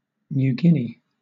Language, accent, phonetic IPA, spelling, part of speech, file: English, Southern England, [njuː ˈɡɪn.i], New Guinea, proper noun, LL-Q1860 (eng)-New Guinea.wav
- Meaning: A large island in the Pacific Ocean north of Australia, in Oceania, whose territory is divided between Indonesia in the west and Papua New Guinea in the east